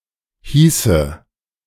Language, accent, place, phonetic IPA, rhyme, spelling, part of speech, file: German, Germany, Berlin, [ˈhiːsə], -iːsə, hieße, verb, De-hieße.ogg
- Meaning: first/third-person singular subjunctive II of heißen